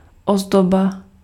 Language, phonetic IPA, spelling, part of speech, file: Czech, [ˈozdoba], ozdoba, noun, Cs-ozdoba.ogg
- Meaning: decoration